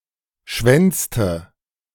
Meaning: inflection of schwänzen: 1. first/third-person singular preterite 2. first/third-person singular subjunctive II
- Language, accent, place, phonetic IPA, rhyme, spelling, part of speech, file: German, Germany, Berlin, [ˈʃvɛnt͡stə], -ɛnt͡stə, schwänzte, verb, De-schwänzte.ogg